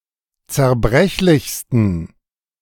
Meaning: 1. superlative degree of zerbrechlich 2. inflection of zerbrechlich: strong genitive masculine/neuter singular superlative degree
- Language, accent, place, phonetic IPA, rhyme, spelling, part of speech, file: German, Germany, Berlin, [t͡sɛɐ̯ˈbʁɛçlɪçstn̩], -ɛçlɪçstn̩, zerbrechlichsten, adjective, De-zerbrechlichsten.ogg